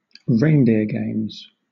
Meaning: Activities which exclude outsiders
- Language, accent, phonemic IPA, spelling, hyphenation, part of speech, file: English, Southern England, /ˈɹeɪndɪə ˌɡeɪmz/, reindeer games, rein‧deer games, noun, LL-Q1860 (eng)-reindeer games.wav